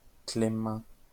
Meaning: 1. a male given name, equivalent to English Clement 2. a surname originating as a patronymic
- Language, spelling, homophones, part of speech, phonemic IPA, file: French, Clément, clément, proper noun, /kle.mɑ̃/, LL-Q150 (fra)-Clément.wav